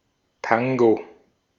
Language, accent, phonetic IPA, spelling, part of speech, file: German, Austria, [ˈtaŋɡo], Tango, noun, De-at-Tango.ogg
- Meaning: 1. tango (dance) 2. pilsner mixed with grenadine or (in Westphalia) with one of the red soft drinks Regina or Emsgold